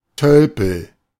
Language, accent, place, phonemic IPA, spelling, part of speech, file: German, Germany, Berlin, /ˈtœlpəl/, Tölpel, noun, De-Tölpel.ogg
- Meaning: 1. someone who acts in a clumsy or awkward way (physically or socially) 2. idiot, fool, dolt 3. gannet (a sea bird)